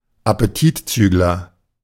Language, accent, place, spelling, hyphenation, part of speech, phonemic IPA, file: German, Germany, Berlin, Appetitzügler, Ap‧pe‧tit‧züg‧ler, noun, /apeˈtiːtˌt͡syːɡlɐ/, De-Appetitzügler.ogg
- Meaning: appetite suppressant